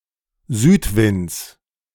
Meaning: genitive singular of Südwind
- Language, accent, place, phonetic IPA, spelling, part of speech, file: German, Germany, Berlin, [ˈzyːtˌvɪnt͡s], Südwinds, noun, De-Südwinds.ogg